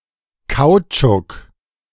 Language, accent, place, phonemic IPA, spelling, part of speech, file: German, Germany, Berlin, /ˈkaʊ̯t͡ʃʊk/, Kautschuk, noun, De-Kautschuk.ogg
- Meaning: rubber, caoutchouc